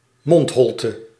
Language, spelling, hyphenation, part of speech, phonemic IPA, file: Dutch, mondholte, mond‧hol‧te, noun, /ˈmɔntˌɦɔl.tə/, Nl-mondholte.ogg
- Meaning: oral cavity